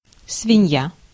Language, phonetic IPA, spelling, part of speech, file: Russian, [svʲɪˈnʲja], свинья, noun, Ru-свинья.ogg
- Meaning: pig, hog, sow, swine (mammal of genus Sus)